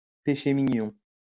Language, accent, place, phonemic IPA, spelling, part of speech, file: French, France, Lyon, /pe.ʃe mi.ɲɔ̃/, péché mignon, noun, LL-Q150 (fra)-péché mignon.wav
- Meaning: guilty pleasure, little weakness, little indulgence